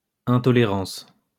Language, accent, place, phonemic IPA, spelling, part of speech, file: French, France, Lyon, /ɛ̃.tɔ.le.ʁɑ̃s/, intolérance, noun, LL-Q150 (fra)-intolérance.wav
- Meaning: intolerance